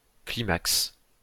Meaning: climax (all senses)
- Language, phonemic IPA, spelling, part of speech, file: French, /kli.maks/, climax, noun, LL-Q150 (fra)-climax.wav